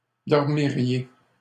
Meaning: second-person plural conditional of dormir
- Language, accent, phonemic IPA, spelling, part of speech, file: French, Canada, /dɔʁ.mi.ʁje/, dormiriez, verb, LL-Q150 (fra)-dormiriez.wav